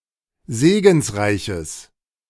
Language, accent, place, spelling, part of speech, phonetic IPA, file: German, Germany, Berlin, segensreiches, adjective, [ˈzeːɡn̩sˌʁaɪ̯çəs], De-segensreiches.ogg
- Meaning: strong/mixed nominative/accusative neuter singular of segensreich